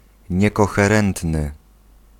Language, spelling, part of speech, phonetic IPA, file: Polish, niekoherentny, adjective, [ˌɲɛkɔxɛˈrɛ̃ntnɨ], Pl-niekoherentny.ogg